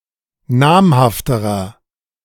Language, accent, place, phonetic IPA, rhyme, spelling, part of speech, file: German, Germany, Berlin, [ˈnaːmhaftəʁɐ], -aːmhaftəʁɐ, namhafterer, adjective, De-namhafterer.ogg
- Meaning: inflection of namhaft: 1. strong/mixed nominative masculine singular comparative degree 2. strong genitive/dative feminine singular comparative degree 3. strong genitive plural comparative degree